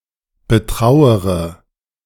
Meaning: inflection of betrauern: 1. first-person singular present 2. first-person plural subjunctive I 3. third-person singular subjunctive I 4. singular imperative
- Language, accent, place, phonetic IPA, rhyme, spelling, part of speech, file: German, Germany, Berlin, [bəˈtʁaʊ̯əʁə], -aʊ̯əʁə, betrauere, verb, De-betrauere.ogg